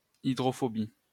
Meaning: hydrophobicity
- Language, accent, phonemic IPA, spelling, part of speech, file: French, France, /i.dʁɔ.fɔ.bi/, hydrophobie, noun, LL-Q150 (fra)-hydrophobie.wav